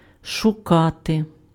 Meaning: to look for, to seek, to search
- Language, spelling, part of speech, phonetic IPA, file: Ukrainian, шукати, verb, [ʃʊˈkate], Uk-шукати.ogg